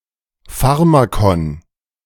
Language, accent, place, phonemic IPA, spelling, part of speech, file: German, Germany, Berlin, /ˈfaʁmakɔn/, Pharmakon, noun, De-Pharmakon.ogg
- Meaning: 1. pharmacon, medicine, drug 2. love potion